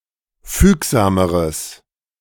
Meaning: strong/mixed nominative/accusative neuter singular comparative degree of fügsam
- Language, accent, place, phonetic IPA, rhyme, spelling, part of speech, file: German, Germany, Berlin, [ˈfyːkzaːməʁəs], -yːkzaːməʁəs, fügsameres, adjective, De-fügsameres.ogg